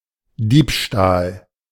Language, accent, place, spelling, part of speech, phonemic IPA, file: German, Germany, Berlin, Diebstahl, noun, /ˈdiːpˌʃtaːl/, De-Diebstahl.ogg
- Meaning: theft